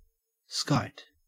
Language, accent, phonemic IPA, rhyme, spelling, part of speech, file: English, Australia, /skaɪt/, -aɪt, skite, noun / verb, En-au-skite.ogg
- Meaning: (noun) A contemptible person; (verb) To defecate, to shit; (noun) 1. A sudden hit or blow; a glancing blow 2. A trick 3. A drinking binge 4. One who skites; a boaster 5. A whimsical or leisurely trip